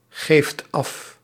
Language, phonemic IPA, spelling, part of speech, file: Dutch, /ˈɣeft ˈɑf/, geeft af, verb, Nl-geeft af.ogg
- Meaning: inflection of afgeven: 1. second/third-person singular present indicative 2. plural imperative